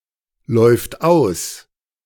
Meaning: third-person singular present of auslaufen
- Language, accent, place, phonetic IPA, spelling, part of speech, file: German, Germany, Berlin, [ˌlɔɪ̯ft ˈaʊ̯s], läuft aus, verb, De-läuft aus.ogg